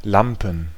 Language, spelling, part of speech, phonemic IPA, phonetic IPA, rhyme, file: German, Lampen, noun, /ˈlampən/, [ˈlamʔm̩], -ampən, De-Lampen.ogg
- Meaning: plural of Lampe "lamps"